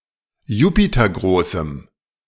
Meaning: strong dative masculine/neuter singular of jupitergroß
- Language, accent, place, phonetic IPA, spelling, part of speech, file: German, Germany, Berlin, [ˈjuːpitɐˌɡʁoːsm̩], jupitergroßem, adjective, De-jupitergroßem.ogg